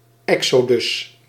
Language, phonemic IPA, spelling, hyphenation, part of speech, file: Dutch, /ˈɛk.soːˌdʏs/, exodus, exo‧dus, noun, Nl-exodus.ogg
- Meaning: exodus